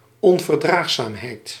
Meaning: intolerance
- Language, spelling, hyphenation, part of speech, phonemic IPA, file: Dutch, onverdraagzaamheid, on‧ver‧draag‧zaam‧heid, noun, /ˌɔɱvərˈdraxsamhɛit/, Nl-onverdraagzaamheid.ogg